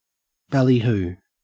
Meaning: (noun) 1. Sensational or clamorous advertising or publicity 2. Noisy shouting or uproar; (verb) To sensationalize or make grand claims
- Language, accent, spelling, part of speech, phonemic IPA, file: English, Australia, ballyhoo, noun / verb, /bæliˈhuː/, En-au-ballyhoo.ogg